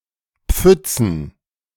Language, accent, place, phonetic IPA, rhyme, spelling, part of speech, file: German, Germany, Berlin, [ˈp͡fʏt͡sn̩], -ʏt͡sn̩, Pfützen, noun, De-Pfützen.ogg
- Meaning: plural of Pfütze